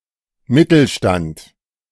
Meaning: 1. the middle class, wealthy (bourgeois) section of the third estate 2. the independent professionals, private initiative, notably tradesmen, entrepreneurs etc
- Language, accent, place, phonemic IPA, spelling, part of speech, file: German, Germany, Berlin, /ˈmɪtl̩ˌʃtant/, Mittelstand, noun, De-Mittelstand.ogg